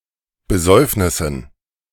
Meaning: dative plural of Besäufnis
- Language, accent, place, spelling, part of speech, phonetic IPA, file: German, Germany, Berlin, Besäufnissen, noun, [bəˈzɔɪ̯fnɪsn̩], De-Besäufnissen.ogg